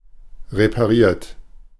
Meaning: 1. past participle of reparieren 2. inflection of reparieren: third-person singular present 3. inflection of reparieren: second-person plural present 4. inflection of reparieren: plural imperative
- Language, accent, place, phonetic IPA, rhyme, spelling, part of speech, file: German, Germany, Berlin, [ʁepaˈʁiːɐ̯t], -iːɐ̯t, repariert, verb, De-repariert.ogg